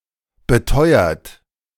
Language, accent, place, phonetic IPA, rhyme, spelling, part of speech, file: German, Germany, Berlin, [bəˈtɔɪ̯ɐt], -ɔɪ̯ɐt, beteuert, verb, De-beteuert.ogg
- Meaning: past participle of beteuern